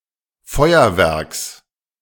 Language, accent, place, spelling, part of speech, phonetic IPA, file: German, Germany, Berlin, Feuerwerks, noun, [ˈfɔɪ̯ɐvɛʁks], De-Feuerwerks.ogg
- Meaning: genitive singular of Feuerwerk